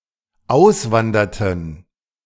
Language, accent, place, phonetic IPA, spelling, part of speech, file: German, Germany, Berlin, [ˈaʊ̯sˌvandɐtn̩], auswanderten, verb, De-auswanderten.ogg
- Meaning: inflection of auswandern: 1. first/third-person plural dependent preterite 2. first/third-person plural dependent subjunctive II